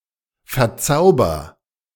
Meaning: inflection of verzaubern: 1. first-person singular present 2. singular imperative
- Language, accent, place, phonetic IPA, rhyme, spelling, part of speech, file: German, Germany, Berlin, [fɛɐ̯ˈt͡saʊ̯bɐ], -aʊ̯bɐ, verzauber, verb, De-verzauber.ogg